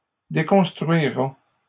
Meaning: third-person singular simple future of déconstruire
- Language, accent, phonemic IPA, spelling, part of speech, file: French, Canada, /de.kɔ̃s.tʁɥi.ʁa/, déconstruira, verb, LL-Q150 (fra)-déconstruira.wav